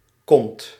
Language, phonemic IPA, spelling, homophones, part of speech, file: Dutch, /kɔnt/, kond, kont, adjective, Nl-kond.ogg
- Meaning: known